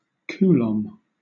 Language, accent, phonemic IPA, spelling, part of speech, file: English, Southern England, /ˈkuː.lɒm/, coulomb, noun, LL-Q1860 (eng)-coulomb.wav
- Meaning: In the International System of Units, the derived unit of electric charge; the amount of electric charge carried by a current of 1 ampere flowing for 1 second. Symbol: C